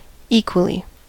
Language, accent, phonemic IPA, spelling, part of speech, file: English, US, /ˈiːkwəli/, equally, adverb, En-us-equally.ogg
- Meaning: 1. In an equal manner; in equal shares or proportion; with equal and impartial justice; evenly 2. In equal degree or extent; just as 3. Used to link two or more coordinate elements